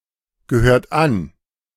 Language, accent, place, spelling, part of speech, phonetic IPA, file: German, Germany, Berlin, gehört an, verb, [ɡəˌhøːɐ̯t ˈan], De-gehört an.ogg
- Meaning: inflection of angehören: 1. second-person plural present 2. third-person singular present 3. plural imperative